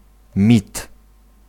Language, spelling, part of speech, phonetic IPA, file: Polish, mit, noun, [mʲit], Pl-mit.ogg